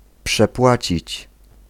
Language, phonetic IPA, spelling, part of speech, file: Polish, [pʃɛˈpwat͡ɕit͡ɕ], przepłacić, verb, Pl-przepłacić.ogg